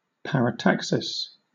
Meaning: Speech or writing in which clauses or phrases are placed together without being separated by conjunctions, for example "I came; I saw; I conquered"
- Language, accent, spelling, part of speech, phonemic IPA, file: English, Southern England, parataxis, noun, /paɹəˈtaksɪs/, LL-Q1860 (eng)-parataxis.wav